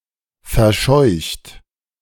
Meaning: 1. past participle of verscheuchen 2. inflection of verscheuchen: second-person plural present 3. inflection of verscheuchen: third-person singular present
- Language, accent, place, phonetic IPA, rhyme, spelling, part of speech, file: German, Germany, Berlin, [fɛɐ̯ˈʃɔɪ̯çt], -ɔɪ̯çt, verscheucht, verb, De-verscheucht.ogg